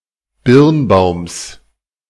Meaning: genitive of Birnbaum
- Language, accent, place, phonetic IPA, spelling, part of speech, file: German, Germany, Berlin, [ˈbɪʁnˌbaʊ̯ms], Birnbaums, noun, De-Birnbaums.ogg